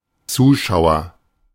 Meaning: 1. agent noun of zuschauen: spectator 2. agent noun of zuschauen: viewer 3. audience
- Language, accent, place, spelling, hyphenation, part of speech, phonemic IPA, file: German, Germany, Berlin, Zuschauer, Zu‧schau‧er, noun, /ˈt͡suːˌʃaʊ̯ɐ/, De-Zuschauer.ogg